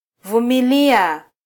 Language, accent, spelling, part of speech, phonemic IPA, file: Swahili, Kenya, vumilia, verb, /vu.miˈli.ɑ/, Sw-ke-vumilia.flac
- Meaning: Applicative form of -vuma: to endure, to bear, to tolerate, to persevere